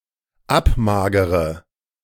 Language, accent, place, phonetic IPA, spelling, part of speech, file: German, Germany, Berlin, [ˈapˌmaːɡəʁə], abmagere, verb, De-abmagere.ogg
- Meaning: inflection of abmagern: 1. first-person singular dependent present 2. first/third-person singular dependent subjunctive I